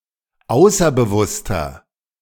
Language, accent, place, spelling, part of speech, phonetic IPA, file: German, Germany, Berlin, außerbewusster, adjective, [ˈaʊ̯sɐbəˌvʊstɐ], De-außerbewusster.ogg
- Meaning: inflection of außerbewusst: 1. strong/mixed nominative masculine singular 2. strong genitive/dative feminine singular 3. strong genitive plural